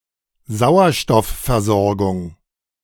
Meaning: oxygen supply
- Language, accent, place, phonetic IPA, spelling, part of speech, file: German, Germany, Berlin, [ˈzaʊ̯ɐʃtɔffɛɐ̯ˌzɔʁɡʊŋ], Sauerstoffversorgung, noun, De-Sauerstoffversorgung.ogg